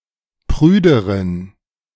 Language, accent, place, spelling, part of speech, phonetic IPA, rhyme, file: German, Germany, Berlin, prüderen, adjective, [ˈpʁyːdəʁən], -yːdəʁən, De-prüderen.ogg
- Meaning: inflection of prüde: 1. strong genitive masculine/neuter singular comparative degree 2. weak/mixed genitive/dative all-gender singular comparative degree